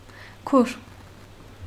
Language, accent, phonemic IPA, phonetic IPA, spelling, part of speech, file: Armenian, Eastern Armenian, /kʰuɾ/, [kʰuɾ], քուր, noun, Hy-քուր.ogg
- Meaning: alternative form of քույր (kʻuyr)